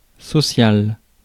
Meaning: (adjective) 1. social, related to society, community 2. social, living in society 3. mundane, related to social life; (noun) action intended to make society work better
- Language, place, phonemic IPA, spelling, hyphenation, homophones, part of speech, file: French, Paris, /sɔ.sjal/, social, so‧cial, sociale / sociales, adjective / noun, Fr-social.ogg